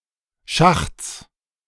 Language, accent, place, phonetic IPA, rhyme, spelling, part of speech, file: German, Germany, Berlin, [ʃaxt͡s], -axt͡s, Schachts, noun, De-Schachts.ogg
- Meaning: genitive singular of Schacht